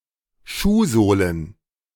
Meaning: plural of Schuhsohle
- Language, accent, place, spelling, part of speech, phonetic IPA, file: German, Germany, Berlin, Schuhsohlen, noun, [ˈʃuːˌzoːlən], De-Schuhsohlen.ogg